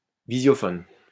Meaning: videophone
- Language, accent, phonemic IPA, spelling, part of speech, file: French, France, /vi.zjɔ.fɔn/, visiophone, noun, LL-Q150 (fra)-visiophone.wav